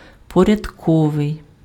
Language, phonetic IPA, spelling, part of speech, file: Ukrainian, [pɔrʲɐdˈkɔʋei̯], порядковий, adjective, Uk-порядковий.ogg
- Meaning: ordinal